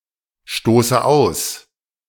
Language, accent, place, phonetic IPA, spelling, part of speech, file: German, Germany, Berlin, [ˌʃtoːsə ˈaʊ̯s], stoße aus, verb, De-stoße aus.ogg
- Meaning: inflection of ausstoßen: 1. first-person singular present 2. first/third-person singular subjunctive I 3. singular imperative